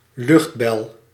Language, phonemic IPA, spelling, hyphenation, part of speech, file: Dutch, /ˈlʏxt.bɛl/, luchtbel, lucht‧bel, noun, Nl-luchtbel.ogg
- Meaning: air bubble